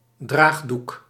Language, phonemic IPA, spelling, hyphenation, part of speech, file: Dutch, /ˈdraːx.duk/, draagdoek, draag‧doek, noun, Nl-draagdoek.ogg
- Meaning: sling (i.e. for a broken arm or for carrying a baby)